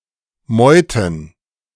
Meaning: plural of Meute
- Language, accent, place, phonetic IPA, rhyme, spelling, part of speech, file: German, Germany, Berlin, [ˈmɔɪ̯tn̩], -ɔɪ̯tn̩, Meuten, noun, De-Meuten.ogg